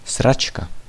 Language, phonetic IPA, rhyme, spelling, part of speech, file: Czech, [ˈsrat͡ʃka], -atʃka, sračka, noun, Cs-sračka.ogg
- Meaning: 1. shit (all meanings) 2. diarrhea